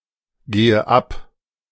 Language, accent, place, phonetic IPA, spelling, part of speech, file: German, Germany, Berlin, [ˌɡeːə ˈap], gehe ab, verb, De-gehe ab.ogg
- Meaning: inflection of abgehen: 1. first-person singular present 2. first/third-person singular subjunctive I 3. singular imperative